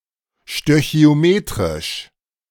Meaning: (adjective) stoichiometric; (adverb) stoichiometrically
- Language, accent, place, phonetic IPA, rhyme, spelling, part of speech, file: German, Germany, Berlin, [ʃtøçi̯oˈmeːtʁɪʃ], -eːtʁɪʃ, stöchiometrisch, adjective, De-stöchiometrisch.ogg